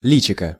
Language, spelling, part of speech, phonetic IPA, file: Russian, личико, noun, [ˈlʲit͡ɕɪkə], Ru-личико.ogg
- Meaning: diminutive of лицо́ (licó): face